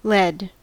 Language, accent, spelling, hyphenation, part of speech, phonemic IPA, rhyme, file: English, US, led, led, verb / adjective, /ˈlɛd/, -ɛd, En-us-led.ogg
- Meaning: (verb) simple past and past participle of lead; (adjective) Under somebody's control or leadership